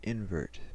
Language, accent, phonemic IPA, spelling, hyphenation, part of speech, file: English, US, /ˈɪn.vəɹt/, invert, in‧vert, noun, En-us-invert.ogg
- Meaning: An inverted arch (as in a sewer)